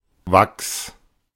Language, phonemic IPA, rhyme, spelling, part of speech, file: German, /vaks/, -aks, Wachs, noun, De-Wachs.oga
- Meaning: 1. wax 2. cere